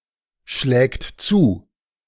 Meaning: third-person singular present of zuschlagen
- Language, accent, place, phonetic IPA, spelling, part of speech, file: German, Germany, Berlin, [ˌʃlɛːkt ˈt͡suː], schlägt zu, verb, De-schlägt zu.ogg